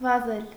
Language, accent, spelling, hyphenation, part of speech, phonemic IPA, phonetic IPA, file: Armenian, Eastern Armenian, վազել, վա‧զել, verb, /vɑˈzel/, [vɑzél], Hy-վազել.ogg
- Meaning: 1. to run 2. to run, flow